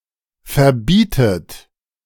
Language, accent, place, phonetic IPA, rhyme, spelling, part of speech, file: German, Germany, Berlin, [fɛɐ̯ˈbiːtət], -iːtət, verbietet, verb, De-verbietet.ogg
- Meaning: inflection of verbieten: 1. third-person singular present 2. second-person plural present 3. second-person plural subjunctive I 4. plural imperative